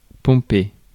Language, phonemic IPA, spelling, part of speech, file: French, /pɔ̃.pe/, pomper, verb, Fr-pomper.ogg
- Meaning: 1. to pump 2. to copy 3. to grow angrier as time goes on, especially if there are no further reasons to do so 4. to fellate 5. to annoy 6. to make pumped up